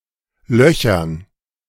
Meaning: dative plural of Loch
- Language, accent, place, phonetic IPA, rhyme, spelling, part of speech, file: German, Germany, Berlin, [ˈlœçɐn], -œçɐn, Löchern, noun, De-Löchern.ogg